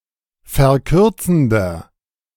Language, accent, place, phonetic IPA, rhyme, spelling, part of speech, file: German, Germany, Berlin, [fɛɐ̯ˈkʏʁt͡sn̩dɐ], -ʏʁt͡sn̩dɐ, verkürzender, adjective, De-verkürzender.ogg
- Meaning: inflection of verkürzend: 1. strong/mixed nominative masculine singular 2. strong genitive/dative feminine singular 3. strong genitive plural